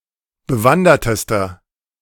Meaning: inflection of bewandert: 1. strong/mixed nominative masculine singular superlative degree 2. strong genitive/dative feminine singular superlative degree 3. strong genitive plural superlative degree
- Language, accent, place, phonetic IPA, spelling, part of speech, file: German, Germany, Berlin, [bəˈvandɐtəstɐ], bewandertester, adjective, De-bewandertester.ogg